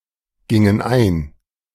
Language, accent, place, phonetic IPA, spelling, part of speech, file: German, Germany, Berlin, [ˌɡɪŋən ˈaɪ̯n], gingen ein, verb, De-gingen ein.ogg
- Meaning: inflection of eingehen: 1. first/third-person plural preterite 2. first/third-person plural subjunctive II